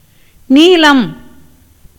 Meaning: 1. blue, azure or purple 2. sapphire 3. collyrium 4. palmyra tree
- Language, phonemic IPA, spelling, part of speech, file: Tamil, /niːlɐm/, நீலம், noun, Ta-நீலம்.ogg